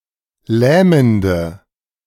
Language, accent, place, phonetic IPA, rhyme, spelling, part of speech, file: German, Germany, Berlin, [ˈlɛːməndə], -ɛːməndə, lähmende, adjective, De-lähmende.ogg
- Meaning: inflection of lähmend: 1. strong/mixed nominative/accusative feminine singular 2. strong nominative/accusative plural 3. weak nominative all-gender singular 4. weak accusative feminine/neuter singular